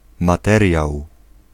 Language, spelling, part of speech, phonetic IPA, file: Polish, materiał, noun, [maˈtɛrʲjaw], Pl-materiał.ogg